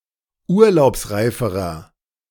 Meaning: inflection of urlaubsreif: 1. strong/mixed nominative masculine singular comparative degree 2. strong genitive/dative feminine singular comparative degree 3. strong genitive plural comparative degree
- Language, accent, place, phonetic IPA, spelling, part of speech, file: German, Germany, Berlin, [ˈuːɐ̯laʊ̯psˌʁaɪ̯fəʁɐ], urlaubsreiferer, adjective, De-urlaubsreiferer.ogg